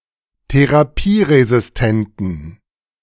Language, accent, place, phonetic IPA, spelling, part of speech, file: German, Germany, Berlin, [teʁaˈpiːʁezɪsˌtɛntn̩], therapieresistenten, adjective, De-therapieresistenten.ogg
- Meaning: inflection of therapieresistent: 1. strong genitive masculine/neuter singular 2. weak/mixed genitive/dative all-gender singular 3. strong/weak/mixed accusative masculine singular